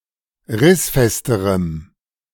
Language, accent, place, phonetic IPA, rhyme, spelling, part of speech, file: German, Germany, Berlin, [ˈʁɪsˌfɛstəʁəm], -ɪsfɛstəʁəm, rissfesterem, adjective, De-rissfesterem.ogg
- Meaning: strong dative masculine/neuter singular comparative degree of rissfest